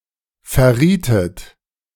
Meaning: inflection of verraten: 1. second-person plural preterite 2. second-person plural subjunctive II
- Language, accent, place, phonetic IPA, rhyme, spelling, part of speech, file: German, Germany, Berlin, [fɛɐ̯ˈʁiːtət], -iːtət, verrietet, verb, De-verrietet.ogg